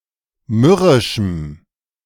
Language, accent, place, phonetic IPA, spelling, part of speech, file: German, Germany, Berlin, [ˈmʏʁɪʃm̩], mürrischem, adjective, De-mürrischem.ogg
- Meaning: strong dative masculine/neuter singular of mürrisch